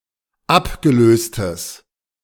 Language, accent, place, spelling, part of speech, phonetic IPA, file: German, Germany, Berlin, abgelöstes, adjective, [ˈapɡəˌløːstəs], De-abgelöstes.ogg
- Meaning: strong/mixed nominative/accusative neuter singular of abgelöst